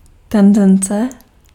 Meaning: tendency
- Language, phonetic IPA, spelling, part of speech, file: Czech, [ˈtɛndɛnt͡sɛ], tendence, noun, Cs-tendence.ogg